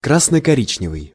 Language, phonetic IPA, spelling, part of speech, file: Russian, [ˌkrasnə kɐˈrʲit͡ɕnʲɪvɨj], красно-коричневый, adjective, Ru-красно-коричневый.ogg
- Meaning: 1. auburn (reddish-brown) 2. communo-fascist, communo-nationalist (of a syncretic political ideology combining communist ideas with nationalism or fascism)